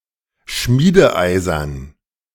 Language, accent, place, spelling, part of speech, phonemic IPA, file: German, Germany, Berlin, schmiedeeisern, adjective, /ˈʃmiːdəˌaɪ̯sɐn/, De-schmiedeeisern.ogg
- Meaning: wrought-iron